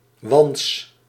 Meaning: true bug (insect belonging to the Heteroptera, suborder within the Hemiptera)
- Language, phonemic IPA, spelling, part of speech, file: Dutch, /ʋɑnts/, wants, noun, Nl-wants.ogg